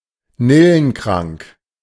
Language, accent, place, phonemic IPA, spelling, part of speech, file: German, Germany, Berlin, /ˈnɪlənˌkʁaŋk/, nillenkrank, adjective, De-nillenkrank.ogg
- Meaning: Suffering from a venereal disease (of a man)